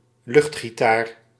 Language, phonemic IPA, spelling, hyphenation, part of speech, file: Dutch, /ˈlʏxt.xiˌtaːr/, luchtgitaar, lucht‧gi‧taar, noun, Nl-luchtgitaar.ogg
- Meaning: air guitar